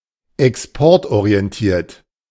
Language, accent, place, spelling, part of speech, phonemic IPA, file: German, Germany, Berlin, exportorientiert, adjective, /ɛksˈpɔʁtʔoʁi̯ɛnˌtiːɐ̯t/, De-exportorientiert.ogg
- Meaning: export-oriented